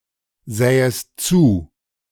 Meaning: second-person singular subjunctive II of zusehen
- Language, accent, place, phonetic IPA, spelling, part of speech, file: German, Germany, Berlin, [ˌzɛːəst ˈt͡suː], sähest zu, verb, De-sähest zu.ogg